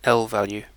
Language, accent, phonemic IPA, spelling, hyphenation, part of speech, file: English, UK, /ˈɛl.væl.juː/, lvalue, l‧val‧ue, noun, En-uk-lvalue.ogg
- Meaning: A value that can be treated as an address or storage location